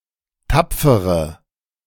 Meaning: inflection of tapfer: 1. strong/mixed nominative/accusative feminine singular 2. strong nominative/accusative plural 3. weak nominative all-gender singular 4. weak accusative feminine/neuter singular
- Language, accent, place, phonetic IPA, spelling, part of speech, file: German, Germany, Berlin, [ˈtap͡fəʁə], tapfere, adjective, De-tapfere.ogg